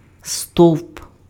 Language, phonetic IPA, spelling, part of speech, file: Ukrainian, [stɔu̯p], стовп, noun, Uk-стовп.ogg
- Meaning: post, pole, pillar, column